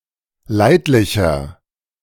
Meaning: inflection of leidlich: 1. strong/mixed nominative masculine singular 2. strong genitive/dative feminine singular 3. strong genitive plural
- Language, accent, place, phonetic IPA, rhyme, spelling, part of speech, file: German, Germany, Berlin, [ˈlaɪ̯tlɪçɐ], -aɪ̯tlɪçɐ, leidlicher, adjective, De-leidlicher.ogg